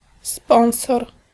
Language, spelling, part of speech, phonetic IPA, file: Polish, sponsor, noun, [ˈspɔ̃w̃sɔr], Pl-sponsor.ogg